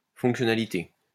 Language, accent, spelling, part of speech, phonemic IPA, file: French, France, fonctionnalité, noun, /fɔ̃k.sjɔ.na.li.te/, LL-Q150 (fra)-fonctionnalité.wav
- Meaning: functionality